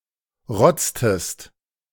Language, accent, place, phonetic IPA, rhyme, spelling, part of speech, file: German, Germany, Berlin, [ˈʁɔt͡stəst], -ɔt͡stəst, rotztest, verb, De-rotztest.ogg
- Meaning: inflection of rotzen: 1. second-person singular preterite 2. second-person singular subjunctive II